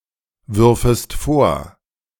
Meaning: second-person singular subjunctive II of vorwerfen
- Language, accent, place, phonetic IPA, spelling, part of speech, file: German, Germany, Berlin, [ˌvʏʁfəst ˈfoːɐ̯], würfest vor, verb, De-würfest vor.ogg